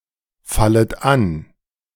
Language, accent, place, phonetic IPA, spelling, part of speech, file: German, Germany, Berlin, [ˌfalət ˈan], fallet an, verb, De-fallet an.ogg
- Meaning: second-person plural subjunctive I of anfallen